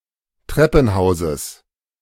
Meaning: genitive singular of Treppenhaus
- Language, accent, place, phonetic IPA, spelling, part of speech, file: German, Germany, Berlin, [ˈtʁɛpn̩ˌhaʊ̯zəs], Treppenhauses, noun, De-Treppenhauses.ogg